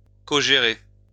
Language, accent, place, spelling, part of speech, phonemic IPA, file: French, France, Lyon, cogérer, verb, /kɔ.ʒe.ʁe/, LL-Q150 (fra)-cogérer.wav
- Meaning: to co-manage, to co-run